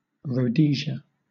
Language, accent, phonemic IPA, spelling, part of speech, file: English, Southern England, /ɹəʊˈdiːʃə/, Rhodesia, proper noun, LL-Q1860 (eng)-Rhodesia.wav
- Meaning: A former country in Southern Africa, in what is now Zimbabwe, originally called Southern Rhodesia, named after its founder, Cecil Rhodes